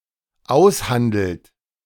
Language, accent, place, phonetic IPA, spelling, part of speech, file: German, Germany, Berlin, [ˈaʊ̯sˌhandl̩t], aushandelt, verb, De-aushandelt.ogg
- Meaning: inflection of aushandeln: 1. third-person singular dependent present 2. second-person plural dependent present